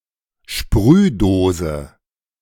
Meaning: spray can
- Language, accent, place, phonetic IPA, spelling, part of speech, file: German, Germany, Berlin, [ˈʃpʁyːˌdoːzə], Sprühdose, noun, De-Sprühdose.ogg